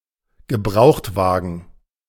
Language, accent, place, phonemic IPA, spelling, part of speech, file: German, Germany, Berlin, /ɡəˈbʁaʊ̯xtˌvaːɡn̩/, Gebrauchtwagen, noun, De-Gebrauchtwagen.ogg
- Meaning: used car, second-hand vehicle